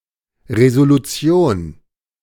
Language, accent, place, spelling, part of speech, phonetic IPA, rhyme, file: German, Germany, Berlin, Resolution, noun, [ˌʁezoluˈt͡si̯oːn], -oːn, De-Resolution.ogg
- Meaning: resolution